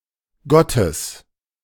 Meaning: genitive singular of Gott
- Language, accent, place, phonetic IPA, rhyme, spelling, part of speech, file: German, Germany, Berlin, [ˈɡɔtəs], -ɔtəs, Gottes, noun, De-Gottes.ogg